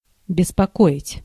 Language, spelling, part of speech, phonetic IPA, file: Russian, беспокоить, verb, [bʲɪspɐˈkoɪtʲ], Ru-беспокоить.ogg
- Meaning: to bother, to disturb